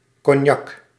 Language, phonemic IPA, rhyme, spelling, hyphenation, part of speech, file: Dutch, /kɔnˈjɑk/, -ɑk, cognac, cog‧nac, noun, Nl-cognac.ogg
- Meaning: cognac